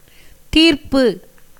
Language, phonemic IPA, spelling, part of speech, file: Tamil, /t̪iːɾpːɯ/, தீர்ப்பு, noun, Ta-தீர்ப்பு.ogg
- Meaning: 1. settlement, conclusion 2. completion, consummation, termination 3. judgement, decree 4. sentence 5. determination, resolution 6. clearance, removal, liquidation, remission